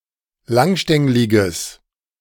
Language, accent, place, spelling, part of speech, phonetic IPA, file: German, Germany, Berlin, langstängliges, adjective, [ˈlaŋˌʃtɛŋlɪɡəs], De-langstängliges.ogg
- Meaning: strong/mixed nominative/accusative neuter singular of langstänglig